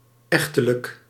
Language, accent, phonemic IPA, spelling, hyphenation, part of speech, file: Dutch, Netherlands, /ˈɛx.tə.lək/, echtelijk, ech‧te‧lijk, adjective, Nl-echtelijk.ogg
- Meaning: marital, matrimonial, pertaining to marriage, not the wedding